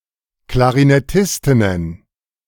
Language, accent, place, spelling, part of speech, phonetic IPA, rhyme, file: German, Germany, Berlin, Klarinettistinnen, noun, [klaʁinɛˈtɪstɪnən], -ɪstɪnən, De-Klarinettistinnen.ogg
- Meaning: plural of Klarinettistin